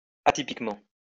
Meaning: atypically (in a way which is not typical)
- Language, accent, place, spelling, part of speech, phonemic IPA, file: French, France, Lyon, atypiquement, adverb, /a.ti.pik.mɑ̃/, LL-Q150 (fra)-atypiquement.wav